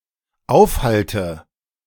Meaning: inflection of aufhalten: 1. first-person singular dependent present 2. first/third-person singular dependent subjunctive I
- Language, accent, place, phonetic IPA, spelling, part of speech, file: German, Germany, Berlin, [ˈaʊ̯fˌhaltə], aufhalte, verb, De-aufhalte.ogg